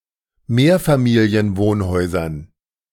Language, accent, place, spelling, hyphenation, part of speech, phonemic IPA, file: German, Germany, Berlin, Mehrfamilienwohnhäusern, Mehr‧fa‧mi‧li‧en‧wohn‧häu‧sern, noun, /ˈmeːɐ̯faˌmiːli̯ənˌvoːnhɔɪ̯zɐn/, De-Mehrfamilienwohnhäusern.ogg
- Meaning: dative plural of Mehrfamilienwohnhaus